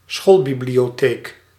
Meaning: a school library
- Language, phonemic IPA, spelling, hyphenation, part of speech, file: Dutch, /ˈsxoːl.bi.bli.oːˌteːk/, schoolbibliotheek, school‧bi‧blio‧theek, noun, Nl-schoolbibliotheek.ogg